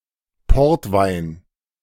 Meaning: port wine
- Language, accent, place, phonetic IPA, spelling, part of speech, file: German, Germany, Berlin, [ˈpɔʁtˌvaɪ̯n], Portwein, noun, De-Portwein.ogg